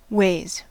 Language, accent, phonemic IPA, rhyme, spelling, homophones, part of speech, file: English, US, /weɪz/, -eɪz, ways, weighs, noun, En-us-ways.ogg
- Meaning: 1. plural of way 2. A distance